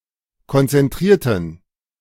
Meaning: inflection of konzentrieren: 1. first/third-person plural preterite 2. first/third-person plural subjunctive II
- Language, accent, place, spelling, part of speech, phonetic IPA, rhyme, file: German, Germany, Berlin, konzentrierten, adjective / verb, [kɔnt͡sɛnˈtʁiːɐ̯tn̩], -iːɐ̯tn̩, De-konzentrierten.ogg